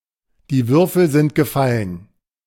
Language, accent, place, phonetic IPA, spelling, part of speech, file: German, Germany, Berlin, [diː ˈvʏʁfl̩ zɪnt ɡəˈfalən], die Würfel sind gefallen, phrase, De-die Würfel sind gefallen.ogg
- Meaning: the die is cast